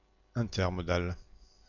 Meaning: intermodal
- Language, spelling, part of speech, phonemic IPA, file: French, intermodal, adjective, /ɛ̃.tɛʁ.mɔ.dal/, Fr-intermodal.ogg